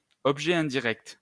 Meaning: indirect object
- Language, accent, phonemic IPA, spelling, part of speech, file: French, France, /ɔb.ʒɛ ɛ̃.di.ʁɛkt/, objet indirect, noun, LL-Q150 (fra)-objet indirect.wav